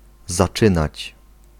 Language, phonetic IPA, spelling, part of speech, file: Polish, [zaˈt͡ʃɨ̃nat͡ɕ], zaczynać, verb, Pl-zaczynać.ogg